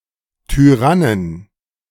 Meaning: inflection of Tyrann: 1. genitive/dative/accusative singular 2. nominative/genitive/dative/accusative plural
- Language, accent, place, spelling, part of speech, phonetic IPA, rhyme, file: German, Germany, Berlin, Tyrannen, noun, [tyˈʁanən], -anən, De-Tyrannen.ogg